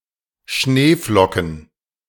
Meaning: plural of Schneeflocke
- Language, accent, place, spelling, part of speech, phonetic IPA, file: German, Germany, Berlin, Schneeflocken, noun, [ˈʃneːˌflɔkn̩], De-Schneeflocken.ogg